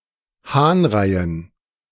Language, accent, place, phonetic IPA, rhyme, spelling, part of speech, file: German, Germany, Berlin, [ˈhaːnˌʁaɪ̯ən], -aːnʁaɪ̯ən, Hahnreien, noun, De-Hahnreien.ogg
- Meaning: dative plural of Hahnrei